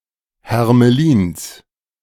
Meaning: genitive of Hermelin
- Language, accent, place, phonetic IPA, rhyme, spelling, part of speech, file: German, Germany, Berlin, [hɛʁməˈliːns], -iːns, Hermelins, noun, De-Hermelins.ogg